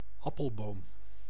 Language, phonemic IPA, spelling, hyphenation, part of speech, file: Dutch, /ˈɑ.pəlˌboːm/, appelboom, ap‧pel‧boom, noun, Nl-appelboom.ogg
- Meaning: apple tree (any cultivar of the Malus domestica tree species)